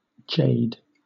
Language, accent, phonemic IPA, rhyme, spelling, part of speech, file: English, Southern England, /d͡ʒeɪd/, -eɪd, jade, noun / adjective / verb, LL-Q1860 (eng)-jade.wav
- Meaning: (noun) A semiprecious stone, either nephrite or jadeite, generally green or white in color, often used for carving figurines